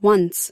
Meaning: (adverb) 1. One and only one time 2. Formerly; during some period in the past 3. At any time; ever 4. One day, someday 5. Multiplied by one: indicating that a number is multiplied by one
- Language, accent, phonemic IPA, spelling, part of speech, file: English, US, /wʌn(t)s/, once, adverb / conjunction, En-us-once.ogg